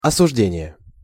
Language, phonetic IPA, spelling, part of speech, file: Russian, [ɐsʊʐˈdʲenʲɪje], осуждение, noun, Ru-осуждение.ogg
- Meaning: 1. conviction (judgement of guilt) 2. animadversion, condemnation (criticism, a critical remark)